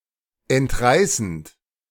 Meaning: present participle of entreißen
- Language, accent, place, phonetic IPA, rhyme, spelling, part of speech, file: German, Germany, Berlin, [ɛntˈʁaɪ̯sn̩t], -aɪ̯sn̩t, entreißend, verb, De-entreißend.ogg